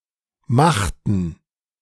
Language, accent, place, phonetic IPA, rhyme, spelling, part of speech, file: German, Germany, Berlin, [ˈmaxtn̩], -axtn̩, machten, verb, De-machten.ogg
- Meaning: inflection of machen: 1. first/third-person plural preterite 2. first/third-person plural subjunctive II